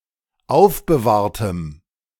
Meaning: strong dative masculine/neuter singular of aufbewahrt
- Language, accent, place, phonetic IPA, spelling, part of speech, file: German, Germany, Berlin, [ˈaʊ̯fbəˌvaːɐ̯təm], aufbewahrtem, adjective, De-aufbewahrtem.ogg